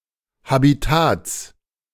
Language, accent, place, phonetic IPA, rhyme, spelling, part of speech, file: German, Germany, Berlin, [habiˈtaːt͡s], -aːt͡s, Habitats, noun, De-Habitats.ogg
- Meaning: genitive singular of Habitat